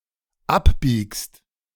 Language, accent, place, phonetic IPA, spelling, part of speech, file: German, Germany, Berlin, [ˈapˌbiːkst], abbiegst, verb, De-abbiegst.ogg
- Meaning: second-person singular dependent present of abbiegen